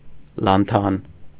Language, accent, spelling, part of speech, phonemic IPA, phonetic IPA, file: Armenian, Eastern Armenian, լանթան, noun, /lɑnˈtʰɑn/, [lɑntʰɑ́n], Hy-լանթան.ogg
- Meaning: lanthanum